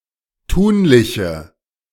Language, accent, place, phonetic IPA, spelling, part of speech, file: German, Germany, Berlin, [ˈtuːnlɪçə], tunliche, adjective, De-tunliche.ogg
- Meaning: inflection of tunlich: 1. strong/mixed nominative/accusative feminine singular 2. strong nominative/accusative plural 3. weak nominative all-gender singular 4. weak accusative feminine/neuter singular